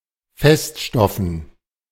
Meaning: dative plural of Feststoff
- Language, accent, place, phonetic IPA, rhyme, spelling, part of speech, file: German, Germany, Berlin, [ˈfɛstˌʃtɔfn̩], -ɛstʃtɔfn̩, Feststoffen, noun, De-Feststoffen.ogg